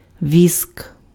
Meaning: wax
- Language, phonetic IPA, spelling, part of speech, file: Ukrainian, [ʋʲisk], віск, noun, Uk-віск.ogg